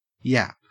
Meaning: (noun) 1. The high-pitched bark of a small dog, or similar 2. Casual talk; chatter 3. The mouth, which produces speech 4. A badly behaved person, especially a child 5. A fool
- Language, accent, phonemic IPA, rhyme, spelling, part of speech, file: English, Australia, /jæp/, -æp, yap, noun / verb, En-au-yap.ogg